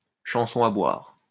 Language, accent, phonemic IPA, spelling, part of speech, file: French, France, /ʃɑ̃.sɔ̃ a bwaʁ/, chanson à boire, noun, LL-Q150 (fra)-chanson à boire.wav
- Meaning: drinking song